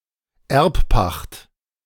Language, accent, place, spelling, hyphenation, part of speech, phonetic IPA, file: German, Germany, Berlin, Erbpacht, Erb‧pacht, noun, [ˈɛʁpˌpaχt], De-Erbpacht.ogg
- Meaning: emphyteusis, long-term leasehold